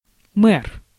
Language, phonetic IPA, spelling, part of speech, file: Russian, [mɛr], мэр, noun, Ru-мэр.ogg
- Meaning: mayor